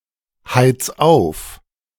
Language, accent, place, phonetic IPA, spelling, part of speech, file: German, Germany, Berlin, [ˌhaɪ̯t͡s ˈaʊ̯f], heiz auf, verb, De-heiz auf.ogg
- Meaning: 1. singular imperative of aufheizen 2. first-person singular present of aufheizen